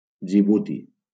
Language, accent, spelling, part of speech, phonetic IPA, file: Catalan, Valencia, Djibouti, proper noun, [d͡ʒiˈbu.ti], LL-Q7026 (cat)-Djibouti.wav
- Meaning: 1. Djibouti (a country in East Africa) 2. Djibouti (the capital city of Djibouti)